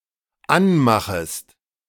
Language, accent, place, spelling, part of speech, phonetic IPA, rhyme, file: German, Germany, Berlin, anmachest, verb, [ˈanˌmaxəst], -anmaxəst, De-anmachest.ogg
- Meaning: second-person singular dependent subjunctive I of anmachen